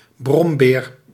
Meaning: grouch, grump (usually male)
- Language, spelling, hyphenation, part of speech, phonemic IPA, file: Dutch, brombeer, brom‧beer, noun, /ˈbrɔmbeːr/, Nl-brombeer.ogg